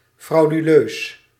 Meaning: fraudulent, constituting fraud
- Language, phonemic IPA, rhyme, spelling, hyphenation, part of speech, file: Dutch, /ˌfrɑu̯.dyˈløːs/, -øːs, frauduleus, frau‧du‧leus, adjective, Nl-frauduleus.ogg